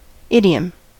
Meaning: A manner of speaking, a mode of expression peculiar to a language, language family, or group of people
- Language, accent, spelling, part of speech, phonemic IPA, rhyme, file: English, US, idiom, noun, /ˈɪdiəm/, -iəm, En-us-idiom.ogg